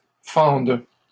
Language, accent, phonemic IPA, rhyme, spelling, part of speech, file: French, Canada, /fɑ̃d/, -ɑ̃d, fendent, verb, LL-Q150 (fra)-fendent.wav
- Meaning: third-person plural present indicative/subjunctive of fendre